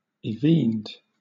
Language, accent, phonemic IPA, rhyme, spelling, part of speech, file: English, Southern England, /ɪˈviːnd/, -iːnd, evened, verb, LL-Q1860 (eng)-evened.wav
- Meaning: simple past and past participle of evene